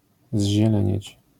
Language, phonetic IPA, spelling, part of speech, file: Polish, [ʑːɛˈlɛ̃ɲɛ̇t͡ɕ], zzielenieć, verb, LL-Q809 (pol)-zzielenieć.wav